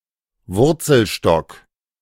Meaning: rootstock
- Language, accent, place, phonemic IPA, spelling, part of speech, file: German, Germany, Berlin, /ˈvʊʁt͡sl̩ˌʃtɔk/, Wurzelstock, noun, De-Wurzelstock.ogg